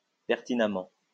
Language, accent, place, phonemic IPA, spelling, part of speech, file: French, France, Lyon, /pɛʁ.ti.na.mɑ̃/, pertinemment, adverb, LL-Q150 (fra)-pertinemment.wav
- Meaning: 1. pertinently 2. full well